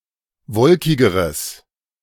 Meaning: strong/mixed nominative/accusative neuter singular comparative degree of wolkig
- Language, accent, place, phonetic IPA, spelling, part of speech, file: German, Germany, Berlin, [ˈvɔlkɪɡəʁəs], wolkigeres, adjective, De-wolkigeres.ogg